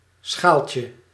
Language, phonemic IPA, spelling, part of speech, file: Dutch, /ˈsxalcə/, schaaltje, noun, Nl-schaaltje.ogg
- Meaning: diminutive of schaal